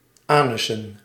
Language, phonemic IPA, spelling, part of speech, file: Dutch, /ˈanʏsə(n)/, anussen, noun, Nl-anussen.ogg
- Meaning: plural of anus